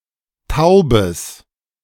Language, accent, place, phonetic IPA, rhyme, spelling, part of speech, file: German, Germany, Berlin, [ˈtaʊ̯bəs], -aʊ̯bəs, taubes, adjective, De-taubes.ogg
- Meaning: strong/mixed nominative/accusative neuter singular of taub